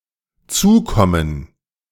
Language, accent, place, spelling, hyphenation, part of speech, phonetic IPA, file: German, Germany, Berlin, zukommen, zu‧kom‧men, verb, [ˈtsuːˌkɔmən], De-zukommen.ogg
- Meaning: 1. to come towards, come up to; to approach 2. to become, befit